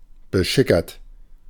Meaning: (verb) past participle of beschickern; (adjective) drunken
- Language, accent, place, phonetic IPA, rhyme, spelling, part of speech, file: German, Germany, Berlin, [bəˈʃɪkɐt], -ɪkɐt, beschickert, adjective / verb, De-beschickert.ogg